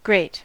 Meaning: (adjective) 1. Taking much space; large 2. Taking much space; large.: Much, more than usual 3. Taking much space; large.: Intensifying a word or expression, used in mild oaths
- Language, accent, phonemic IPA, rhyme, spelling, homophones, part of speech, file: English, US, /ˈɡɹeɪt/, -eɪt, great, grate / greet, adjective / interjection / noun / adverb, En-us-great.ogg